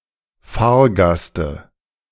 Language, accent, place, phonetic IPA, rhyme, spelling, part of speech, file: German, Germany, Berlin, [ˈfaːɐ̯ˌɡastə], -aːɐ̯ɡastə, Fahrgaste, noun, De-Fahrgaste.ogg
- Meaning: dative singular of Fahrgast